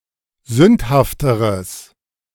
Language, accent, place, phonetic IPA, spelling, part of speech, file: German, Germany, Berlin, [ˈzʏnthaftəʁəs], sündhafteres, adjective, De-sündhafteres.ogg
- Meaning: strong/mixed nominative/accusative neuter singular comparative degree of sündhaft